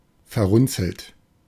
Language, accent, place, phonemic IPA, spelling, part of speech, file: German, Germany, Berlin, /fɛɐ̯ˈʁʊnt͡sl̩t/, verrunzelt, verb / adjective, De-verrunzelt.ogg
- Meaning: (verb) past participle of verrunzeln; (adjective) wrinkled